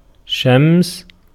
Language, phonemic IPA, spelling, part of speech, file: Arabic, /ʃams/, شمس, noun, Ar-شمس.ogg
- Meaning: sun